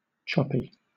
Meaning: 1. Having many small, rough waves 2. Discontinuous, intermittent 3. Shifting, variable
- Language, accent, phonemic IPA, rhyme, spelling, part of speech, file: English, Southern England, /ˈt͡ʃɒ.pi/, -ɒpi, choppy, adjective, LL-Q1860 (eng)-choppy.wav